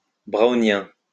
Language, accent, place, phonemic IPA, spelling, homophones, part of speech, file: French, France, Lyon, /bʁo.njɛ̃/, brownien, browniens, adjective, LL-Q150 (fra)-brownien.wav
- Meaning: Brownian